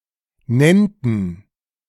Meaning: first/third-person plural subjunctive II of nennen
- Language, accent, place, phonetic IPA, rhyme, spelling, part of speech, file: German, Germany, Berlin, [ˈnɛntn̩], -ɛntn̩, nennten, verb, De-nennten.ogg